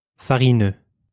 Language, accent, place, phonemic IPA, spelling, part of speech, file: French, France, Lyon, /fa.ʁi.nø/, farineux, adjective, LL-Q150 (fra)-farineux.wav
- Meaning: floury, mealy